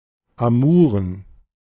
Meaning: love affairs
- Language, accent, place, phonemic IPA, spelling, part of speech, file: German, Germany, Berlin, /aˈmuːʁən/, Amouren, noun, De-Amouren.ogg